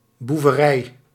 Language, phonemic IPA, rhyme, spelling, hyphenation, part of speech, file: Dutch, /ˌbu.vəˈrɛi̯/, -ɛi̯, boeverij, boe‧ve‧rij, noun, Nl-boeverij.ogg
- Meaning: 1. criminal acts, criminal activity 2. criminal action, criminal deed